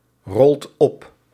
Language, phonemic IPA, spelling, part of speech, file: Dutch, /ˈrɔlt ˈɔp/, rolt op, verb, Nl-rolt op.ogg
- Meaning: inflection of oprollen: 1. second/third-person singular present indicative 2. plural imperative